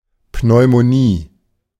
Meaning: pneumonia
- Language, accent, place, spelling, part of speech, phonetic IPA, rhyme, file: German, Germany, Berlin, Pneumonie, noun, [ˌpnɔɪ̯moˈniː], -iː, De-Pneumonie.ogg